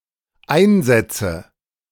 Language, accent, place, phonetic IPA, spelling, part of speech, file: German, Germany, Berlin, [ˈaɪ̯nˌzɛt͡sə], einsetze, verb, De-einsetze.ogg
- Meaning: inflection of einsetzen: 1. first-person singular dependent present 2. first/third-person singular dependent subjunctive I